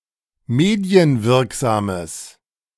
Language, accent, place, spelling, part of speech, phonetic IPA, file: German, Germany, Berlin, medienwirksames, adjective, [ˈmeːdi̯ənˌvɪʁkzaːməs], De-medienwirksames.ogg
- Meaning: strong/mixed nominative/accusative neuter singular of medienwirksam